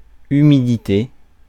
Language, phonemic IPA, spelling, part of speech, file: French, /y.mi.di.te/, humidité, noun, Fr-humidité.ogg
- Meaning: humidity; moisture, wetness, dampness